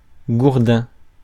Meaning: club, bat
- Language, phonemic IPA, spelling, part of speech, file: French, /ɡuʁ.dɛ̃/, gourdin, noun, Fr-gourdin.ogg